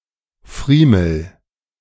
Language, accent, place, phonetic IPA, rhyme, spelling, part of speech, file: German, Germany, Berlin, [ˈfʁiːml̩], -iːml̩, friemel, verb, De-friemel.ogg
- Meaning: inflection of friemeln: 1. first-person singular present 2. singular imperative